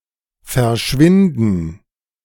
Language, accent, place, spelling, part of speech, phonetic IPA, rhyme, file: German, Germany, Berlin, Verschwinden, noun, [fɛɐ̯ˈʃvɪndn̩], -ɪndn̩, De-Verschwinden.ogg
- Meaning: 1. disappearance 2. gerund of verschwinden